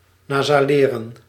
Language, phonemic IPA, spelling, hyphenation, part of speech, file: Dutch, /ˌnaː.zaːˈleː.rə(n)/, nasaleren, na‧sa‧le‧ren, verb, Nl-nasaleren.ogg
- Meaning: to nasalise